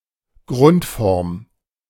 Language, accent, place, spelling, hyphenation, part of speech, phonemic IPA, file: German, Germany, Berlin, Grundform, Grund‧form, noun, /ˈɡʁʊntˌfɔʁm/, De-Grundform.ogg
- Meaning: 1. base form 2. infinitive